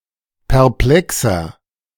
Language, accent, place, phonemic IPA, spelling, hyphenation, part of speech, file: German, Germany, Berlin, /pɛʁˈplɛksɐ/, perplexer, per‧ple‧xer, adjective, De-perplexer.ogg
- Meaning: 1. comparative degree of perplex 2. inflection of perplex: strong/mixed nominative masculine singular 3. inflection of perplex: strong genitive/dative feminine singular